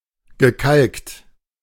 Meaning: past participle of kalken
- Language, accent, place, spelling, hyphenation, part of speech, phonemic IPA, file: German, Germany, Berlin, gekalkt, ge‧kalkt, verb, /ɡəˈkalkt/, De-gekalkt.ogg